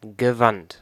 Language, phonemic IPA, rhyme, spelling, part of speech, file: German, /ɡəˈvant/, -ant, gewandt, verb / adjective / adverb, De-gewandt.ogg
- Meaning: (verb) past participle of wenden; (adjective) 1. dexterous, versatile, skilled, smart 2. eloquent; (adverb) dexterously, deftly, nimbly